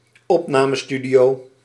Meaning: a recording studio
- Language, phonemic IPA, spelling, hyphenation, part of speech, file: Dutch, /ˈɔp.naː.məˌsty.di.oː/, opnamestudio, op‧na‧me‧stu‧dio, noun, Nl-opnamestudio.ogg